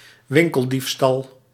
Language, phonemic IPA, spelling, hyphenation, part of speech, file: Dutch, /ˈwɪŋkəlˌdifstɑl/, winkeldiefstal, win‧kel‧dief‧stal, noun, Nl-winkeldiefstal.ogg
- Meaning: shoplifting